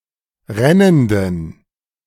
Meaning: inflection of rennend: 1. strong genitive masculine/neuter singular 2. weak/mixed genitive/dative all-gender singular 3. strong/weak/mixed accusative masculine singular 4. strong dative plural
- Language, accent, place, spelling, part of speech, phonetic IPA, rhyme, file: German, Germany, Berlin, rennenden, adjective, [ˈʁɛnəndn̩], -ɛnəndn̩, De-rennenden.ogg